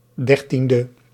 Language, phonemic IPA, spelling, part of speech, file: Dutch, /ˈdɛrtində/, 13e, adjective, Nl-13e.ogg
- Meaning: abbreviation of dertiende (“thirteenth”); 13th